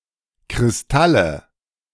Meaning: nominative/accusative/genitive plural of Kristall
- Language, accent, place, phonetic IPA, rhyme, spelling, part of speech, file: German, Germany, Berlin, [kʁɪsˈtalə], -alə, Kristalle, noun, De-Kristalle.ogg